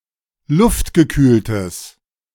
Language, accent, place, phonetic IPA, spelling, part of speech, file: German, Germany, Berlin, [ˈlʊftɡəˌkyːltəs], luftgekühltes, adjective, De-luftgekühltes.ogg
- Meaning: strong/mixed nominative/accusative neuter singular of luftgekühlt